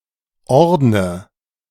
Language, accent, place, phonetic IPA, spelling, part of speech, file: German, Germany, Berlin, [ˈɔʁdnə], ordne, verb, De-ordne.ogg
- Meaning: inflection of ordnen: 1. first-person singular present 2. singular imperative 3. first/third-person singular subjunctive I